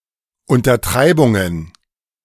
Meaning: plural of Untertreibung
- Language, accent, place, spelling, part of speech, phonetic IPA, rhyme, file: German, Germany, Berlin, Untertreibungen, noun, [ˌʊntɐˈtʁaɪ̯bʊŋən], -aɪ̯bʊŋən, De-Untertreibungen.ogg